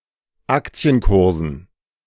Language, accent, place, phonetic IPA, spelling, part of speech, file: German, Germany, Berlin, [ˈakt͡si̯ənˌkʊʁzn̩], Aktienkursen, noun, De-Aktienkursen.ogg
- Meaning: dative plural of Aktienkurs